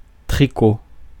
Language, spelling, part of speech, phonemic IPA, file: French, tricot, noun, /tʁi.ko/, Fr-tricot.ogg
- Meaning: 1. knitting 2. sweater, jumper 3. sea krait (snake)